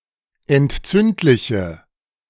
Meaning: inflection of entzündlich: 1. strong/mixed nominative/accusative feminine singular 2. strong nominative/accusative plural 3. weak nominative all-gender singular
- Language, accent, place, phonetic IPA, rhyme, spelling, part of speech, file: German, Germany, Berlin, [ɛntˈt͡sʏntlɪçə], -ʏntlɪçə, entzündliche, adjective, De-entzündliche.ogg